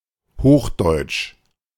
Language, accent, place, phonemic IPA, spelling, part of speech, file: German, Germany, Berlin, /ˈhoːxˌdɔɪ̯t͡ʃ/, Hochdeutsch, proper noun, De-Hochdeutsch.ogg
- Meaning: 1. Standard High German, High German (including the colloquial; antonym of dialect) 2. High German